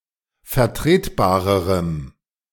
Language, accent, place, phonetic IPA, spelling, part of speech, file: German, Germany, Berlin, [fɛɐ̯ˈtʁeːtˌbaːʁəʁəm], vertretbarerem, adjective, De-vertretbarerem.ogg
- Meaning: strong dative masculine/neuter singular comparative degree of vertretbar